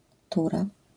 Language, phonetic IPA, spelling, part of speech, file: Polish, [ˈtura], tura, noun, LL-Q809 (pol)-tura.wav